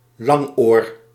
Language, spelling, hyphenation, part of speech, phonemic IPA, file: Dutch, langoor, lang‧oor, noun, /ˈlɑŋ.oːr/, Nl-langoor.ogg
- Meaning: 1. rabbit, bunny, (less commonly) hare 2. donkey, ass